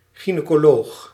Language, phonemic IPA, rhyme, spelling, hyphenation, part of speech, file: Dutch, /ˌɣi.neː.koːˈloːx/, -oːx, gynaecoloog, gy‧nae‧co‧loog, noun, Nl-gynaecoloog.ogg
- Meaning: gynecologist